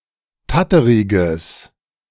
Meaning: strong/mixed nominative/accusative neuter singular of tatterig
- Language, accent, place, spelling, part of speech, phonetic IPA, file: German, Germany, Berlin, tatteriges, adjective, [ˈtatəʁɪɡəs], De-tatteriges.ogg